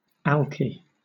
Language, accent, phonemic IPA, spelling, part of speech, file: English, Southern England, /ˈæl.ki/, alkie, noun, LL-Q1860 (eng)-alkie.wav
- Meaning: An alcoholic